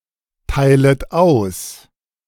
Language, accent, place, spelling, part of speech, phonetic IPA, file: German, Germany, Berlin, teilet aus, verb, [ˌtaɪ̯lət ˈaʊ̯s], De-teilet aus.ogg
- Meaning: second-person plural subjunctive I of austeilen